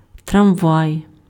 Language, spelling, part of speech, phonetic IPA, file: Ukrainian, трамвай, noun, [trɐmˈʋai̯], Uk-трамвай.ogg
- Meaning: 1. tram, tramway 2. streetcar, trolley, trolley car, light rail